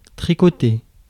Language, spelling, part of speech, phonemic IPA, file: French, tricoter, verb, /tʁi.kɔ.te/, Fr-tricoter.ogg
- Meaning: to knit